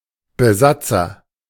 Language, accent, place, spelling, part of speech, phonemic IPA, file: German, Germany, Berlin, Besatzer, noun, /bəˈzat͡sɐ/, De-Besatzer.ogg
- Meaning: occupant, occupier (male or of unspecified gender) (someone who occupies a country)